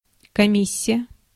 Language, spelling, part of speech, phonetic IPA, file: Russian, комиссия, noun, [kɐˈmʲisʲɪjə], Ru-комиссия.ogg
- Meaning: 1. chores 2. commission, committee